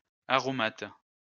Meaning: seasoning, herb, spice, especially one with a strong, pleasant odour
- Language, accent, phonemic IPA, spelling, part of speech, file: French, France, /a.ʁɔ.mat/, aromate, noun, LL-Q150 (fra)-aromate.wav